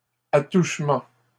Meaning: 1. touching, fondling, stroking; feel (sexual) 2. tangent point
- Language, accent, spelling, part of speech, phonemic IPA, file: French, Canada, attouchement, noun, /a.tuʃ.mɑ̃/, LL-Q150 (fra)-attouchement.wav